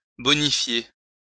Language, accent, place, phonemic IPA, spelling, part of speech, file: French, France, Lyon, /bɔ.ni.fje/, bonifier, verb, LL-Q150 (fra)-bonifier.wav
- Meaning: to improve